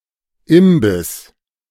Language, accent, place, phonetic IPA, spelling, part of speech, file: German, Germany, Berlin, [ˈɪmbɪs], Imbiss, noun, De-Imbiss.ogg
- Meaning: 1. snack 2. snack bar, fast-food restaurant